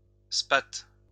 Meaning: spar
- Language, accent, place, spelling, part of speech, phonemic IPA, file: French, France, Lyon, spath, noun, /spat/, LL-Q150 (fra)-spath.wav